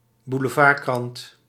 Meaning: tabloid (low-quality, sensationalist newspaper)
- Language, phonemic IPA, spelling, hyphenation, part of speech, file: Dutch, /bu.ləˈvaːrˌkrɑnt/, boulevardkrant, bou‧le‧vard‧krant, noun, Nl-boulevardkrant.ogg